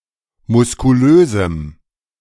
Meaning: strong dative masculine/neuter singular of muskulös
- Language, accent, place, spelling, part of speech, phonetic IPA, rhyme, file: German, Germany, Berlin, muskulösem, adjective, [mʊskuˈløːzm̩], -øːzm̩, De-muskulösem.ogg